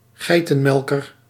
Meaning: synonym of nachtzwaluw (“Eurasian nightjar (Caprimulgus europaeus)”)
- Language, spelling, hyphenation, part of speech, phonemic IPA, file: Dutch, geitenmelker, gei‧ten‧mel‧ker, noun, /ˈɣɛi̯.tə(n)ˌmɛl.kər/, Nl-geitenmelker.ogg